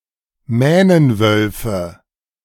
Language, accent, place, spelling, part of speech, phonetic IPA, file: German, Germany, Berlin, Mähnenwölfe, noun, [ˈmɛːnənˌvœlfə], De-Mähnenwölfe.ogg
- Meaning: nominative/accusative/genitive plural of Mähnenwolf